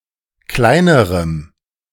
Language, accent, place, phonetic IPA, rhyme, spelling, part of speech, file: German, Germany, Berlin, [ˈklaɪ̯nəʁəm], -aɪ̯nəʁəm, kleinerem, adjective, De-kleinerem.ogg
- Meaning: strong dative masculine/neuter singular comparative degree of klein